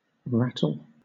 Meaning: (verb) 1. To create a rattling sound by shaking or striking 2. To scare, startle, unsettle, or unnerve 3. To make a rattling noise; to make noise by or from shaking
- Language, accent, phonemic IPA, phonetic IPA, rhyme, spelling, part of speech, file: English, Southern England, /ˈɹæ.təl/, [ˈɹæ.tɫ̩], -ætəl, rattle, verb / noun, LL-Q1860 (eng)-rattle.wav